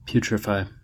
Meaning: 1. To fester or rot and exude a fetid stench 2. To become filled with a pus-like or bile-like substance 3. To reach an advanced stage of decomposition 4. To become gangrenous
- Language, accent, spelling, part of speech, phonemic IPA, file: English, US, putrefy, verb, /ˈpjutɹəfaɪ/, En-us-putrefy.ogg